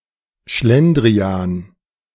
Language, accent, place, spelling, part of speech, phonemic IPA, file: German, Germany, Berlin, Schlendrian, noun, /ˈʃlɛndʁiaːn/, De-Schlendrian.ogg
- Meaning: inefficiency, sloppiness